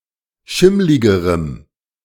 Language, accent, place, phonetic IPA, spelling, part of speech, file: German, Germany, Berlin, [ˈʃɪmlɪɡəʁəm], schimmligerem, adjective, De-schimmligerem.ogg
- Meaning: strong dative masculine/neuter singular comparative degree of schimmlig